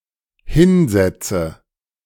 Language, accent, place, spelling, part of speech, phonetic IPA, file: German, Germany, Berlin, hinsetze, verb, [ˈhɪnˌzɛt͡sə], De-hinsetze.ogg
- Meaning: inflection of hinsetzen: 1. first-person singular dependent present 2. first/third-person singular dependent subjunctive I